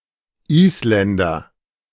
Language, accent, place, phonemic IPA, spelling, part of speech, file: German, Germany, Berlin, /ˈiːsˌlɛndɐ/, Isländer, noun, De-Isländer.ogg
- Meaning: Icelander (male or of unspecified gender) (person from Iceland)